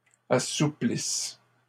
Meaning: second-person singular present/imperfect subjunctive of assouplir
- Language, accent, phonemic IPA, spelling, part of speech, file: French, Canada, /a.su.plis/, assouplisses, verb, LL-Q150 (fra)-assouplisses.wav